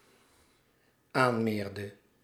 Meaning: inflection of aanmeren: 1. singular dependent-clause past indicative 2. singular dependent-clause past subjunctive
- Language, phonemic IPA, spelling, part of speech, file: Dutch, /ˈanmerdə/, aanmeerde, verb, Nl-aanmeerde.ogg